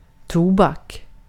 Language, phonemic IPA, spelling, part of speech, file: Swedish, /ˈtuːbak/, tobak, noun, Sv-tobak.ogg
- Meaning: tobacco